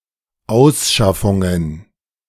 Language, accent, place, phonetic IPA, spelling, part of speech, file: German, Germany, Berlin, [ˈaʊ̯sˌʃafʊŋən], Ausschaffungen, noun, De-Ausschaffungen.ogg
- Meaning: plural of Ausschaffung